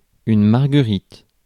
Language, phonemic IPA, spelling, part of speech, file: French, /maʁ.ɡə.ʁit/, marguerite, noun, Fr-marguerite.ogg
- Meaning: 1. marguerite (Leucanthemum) 2. messenger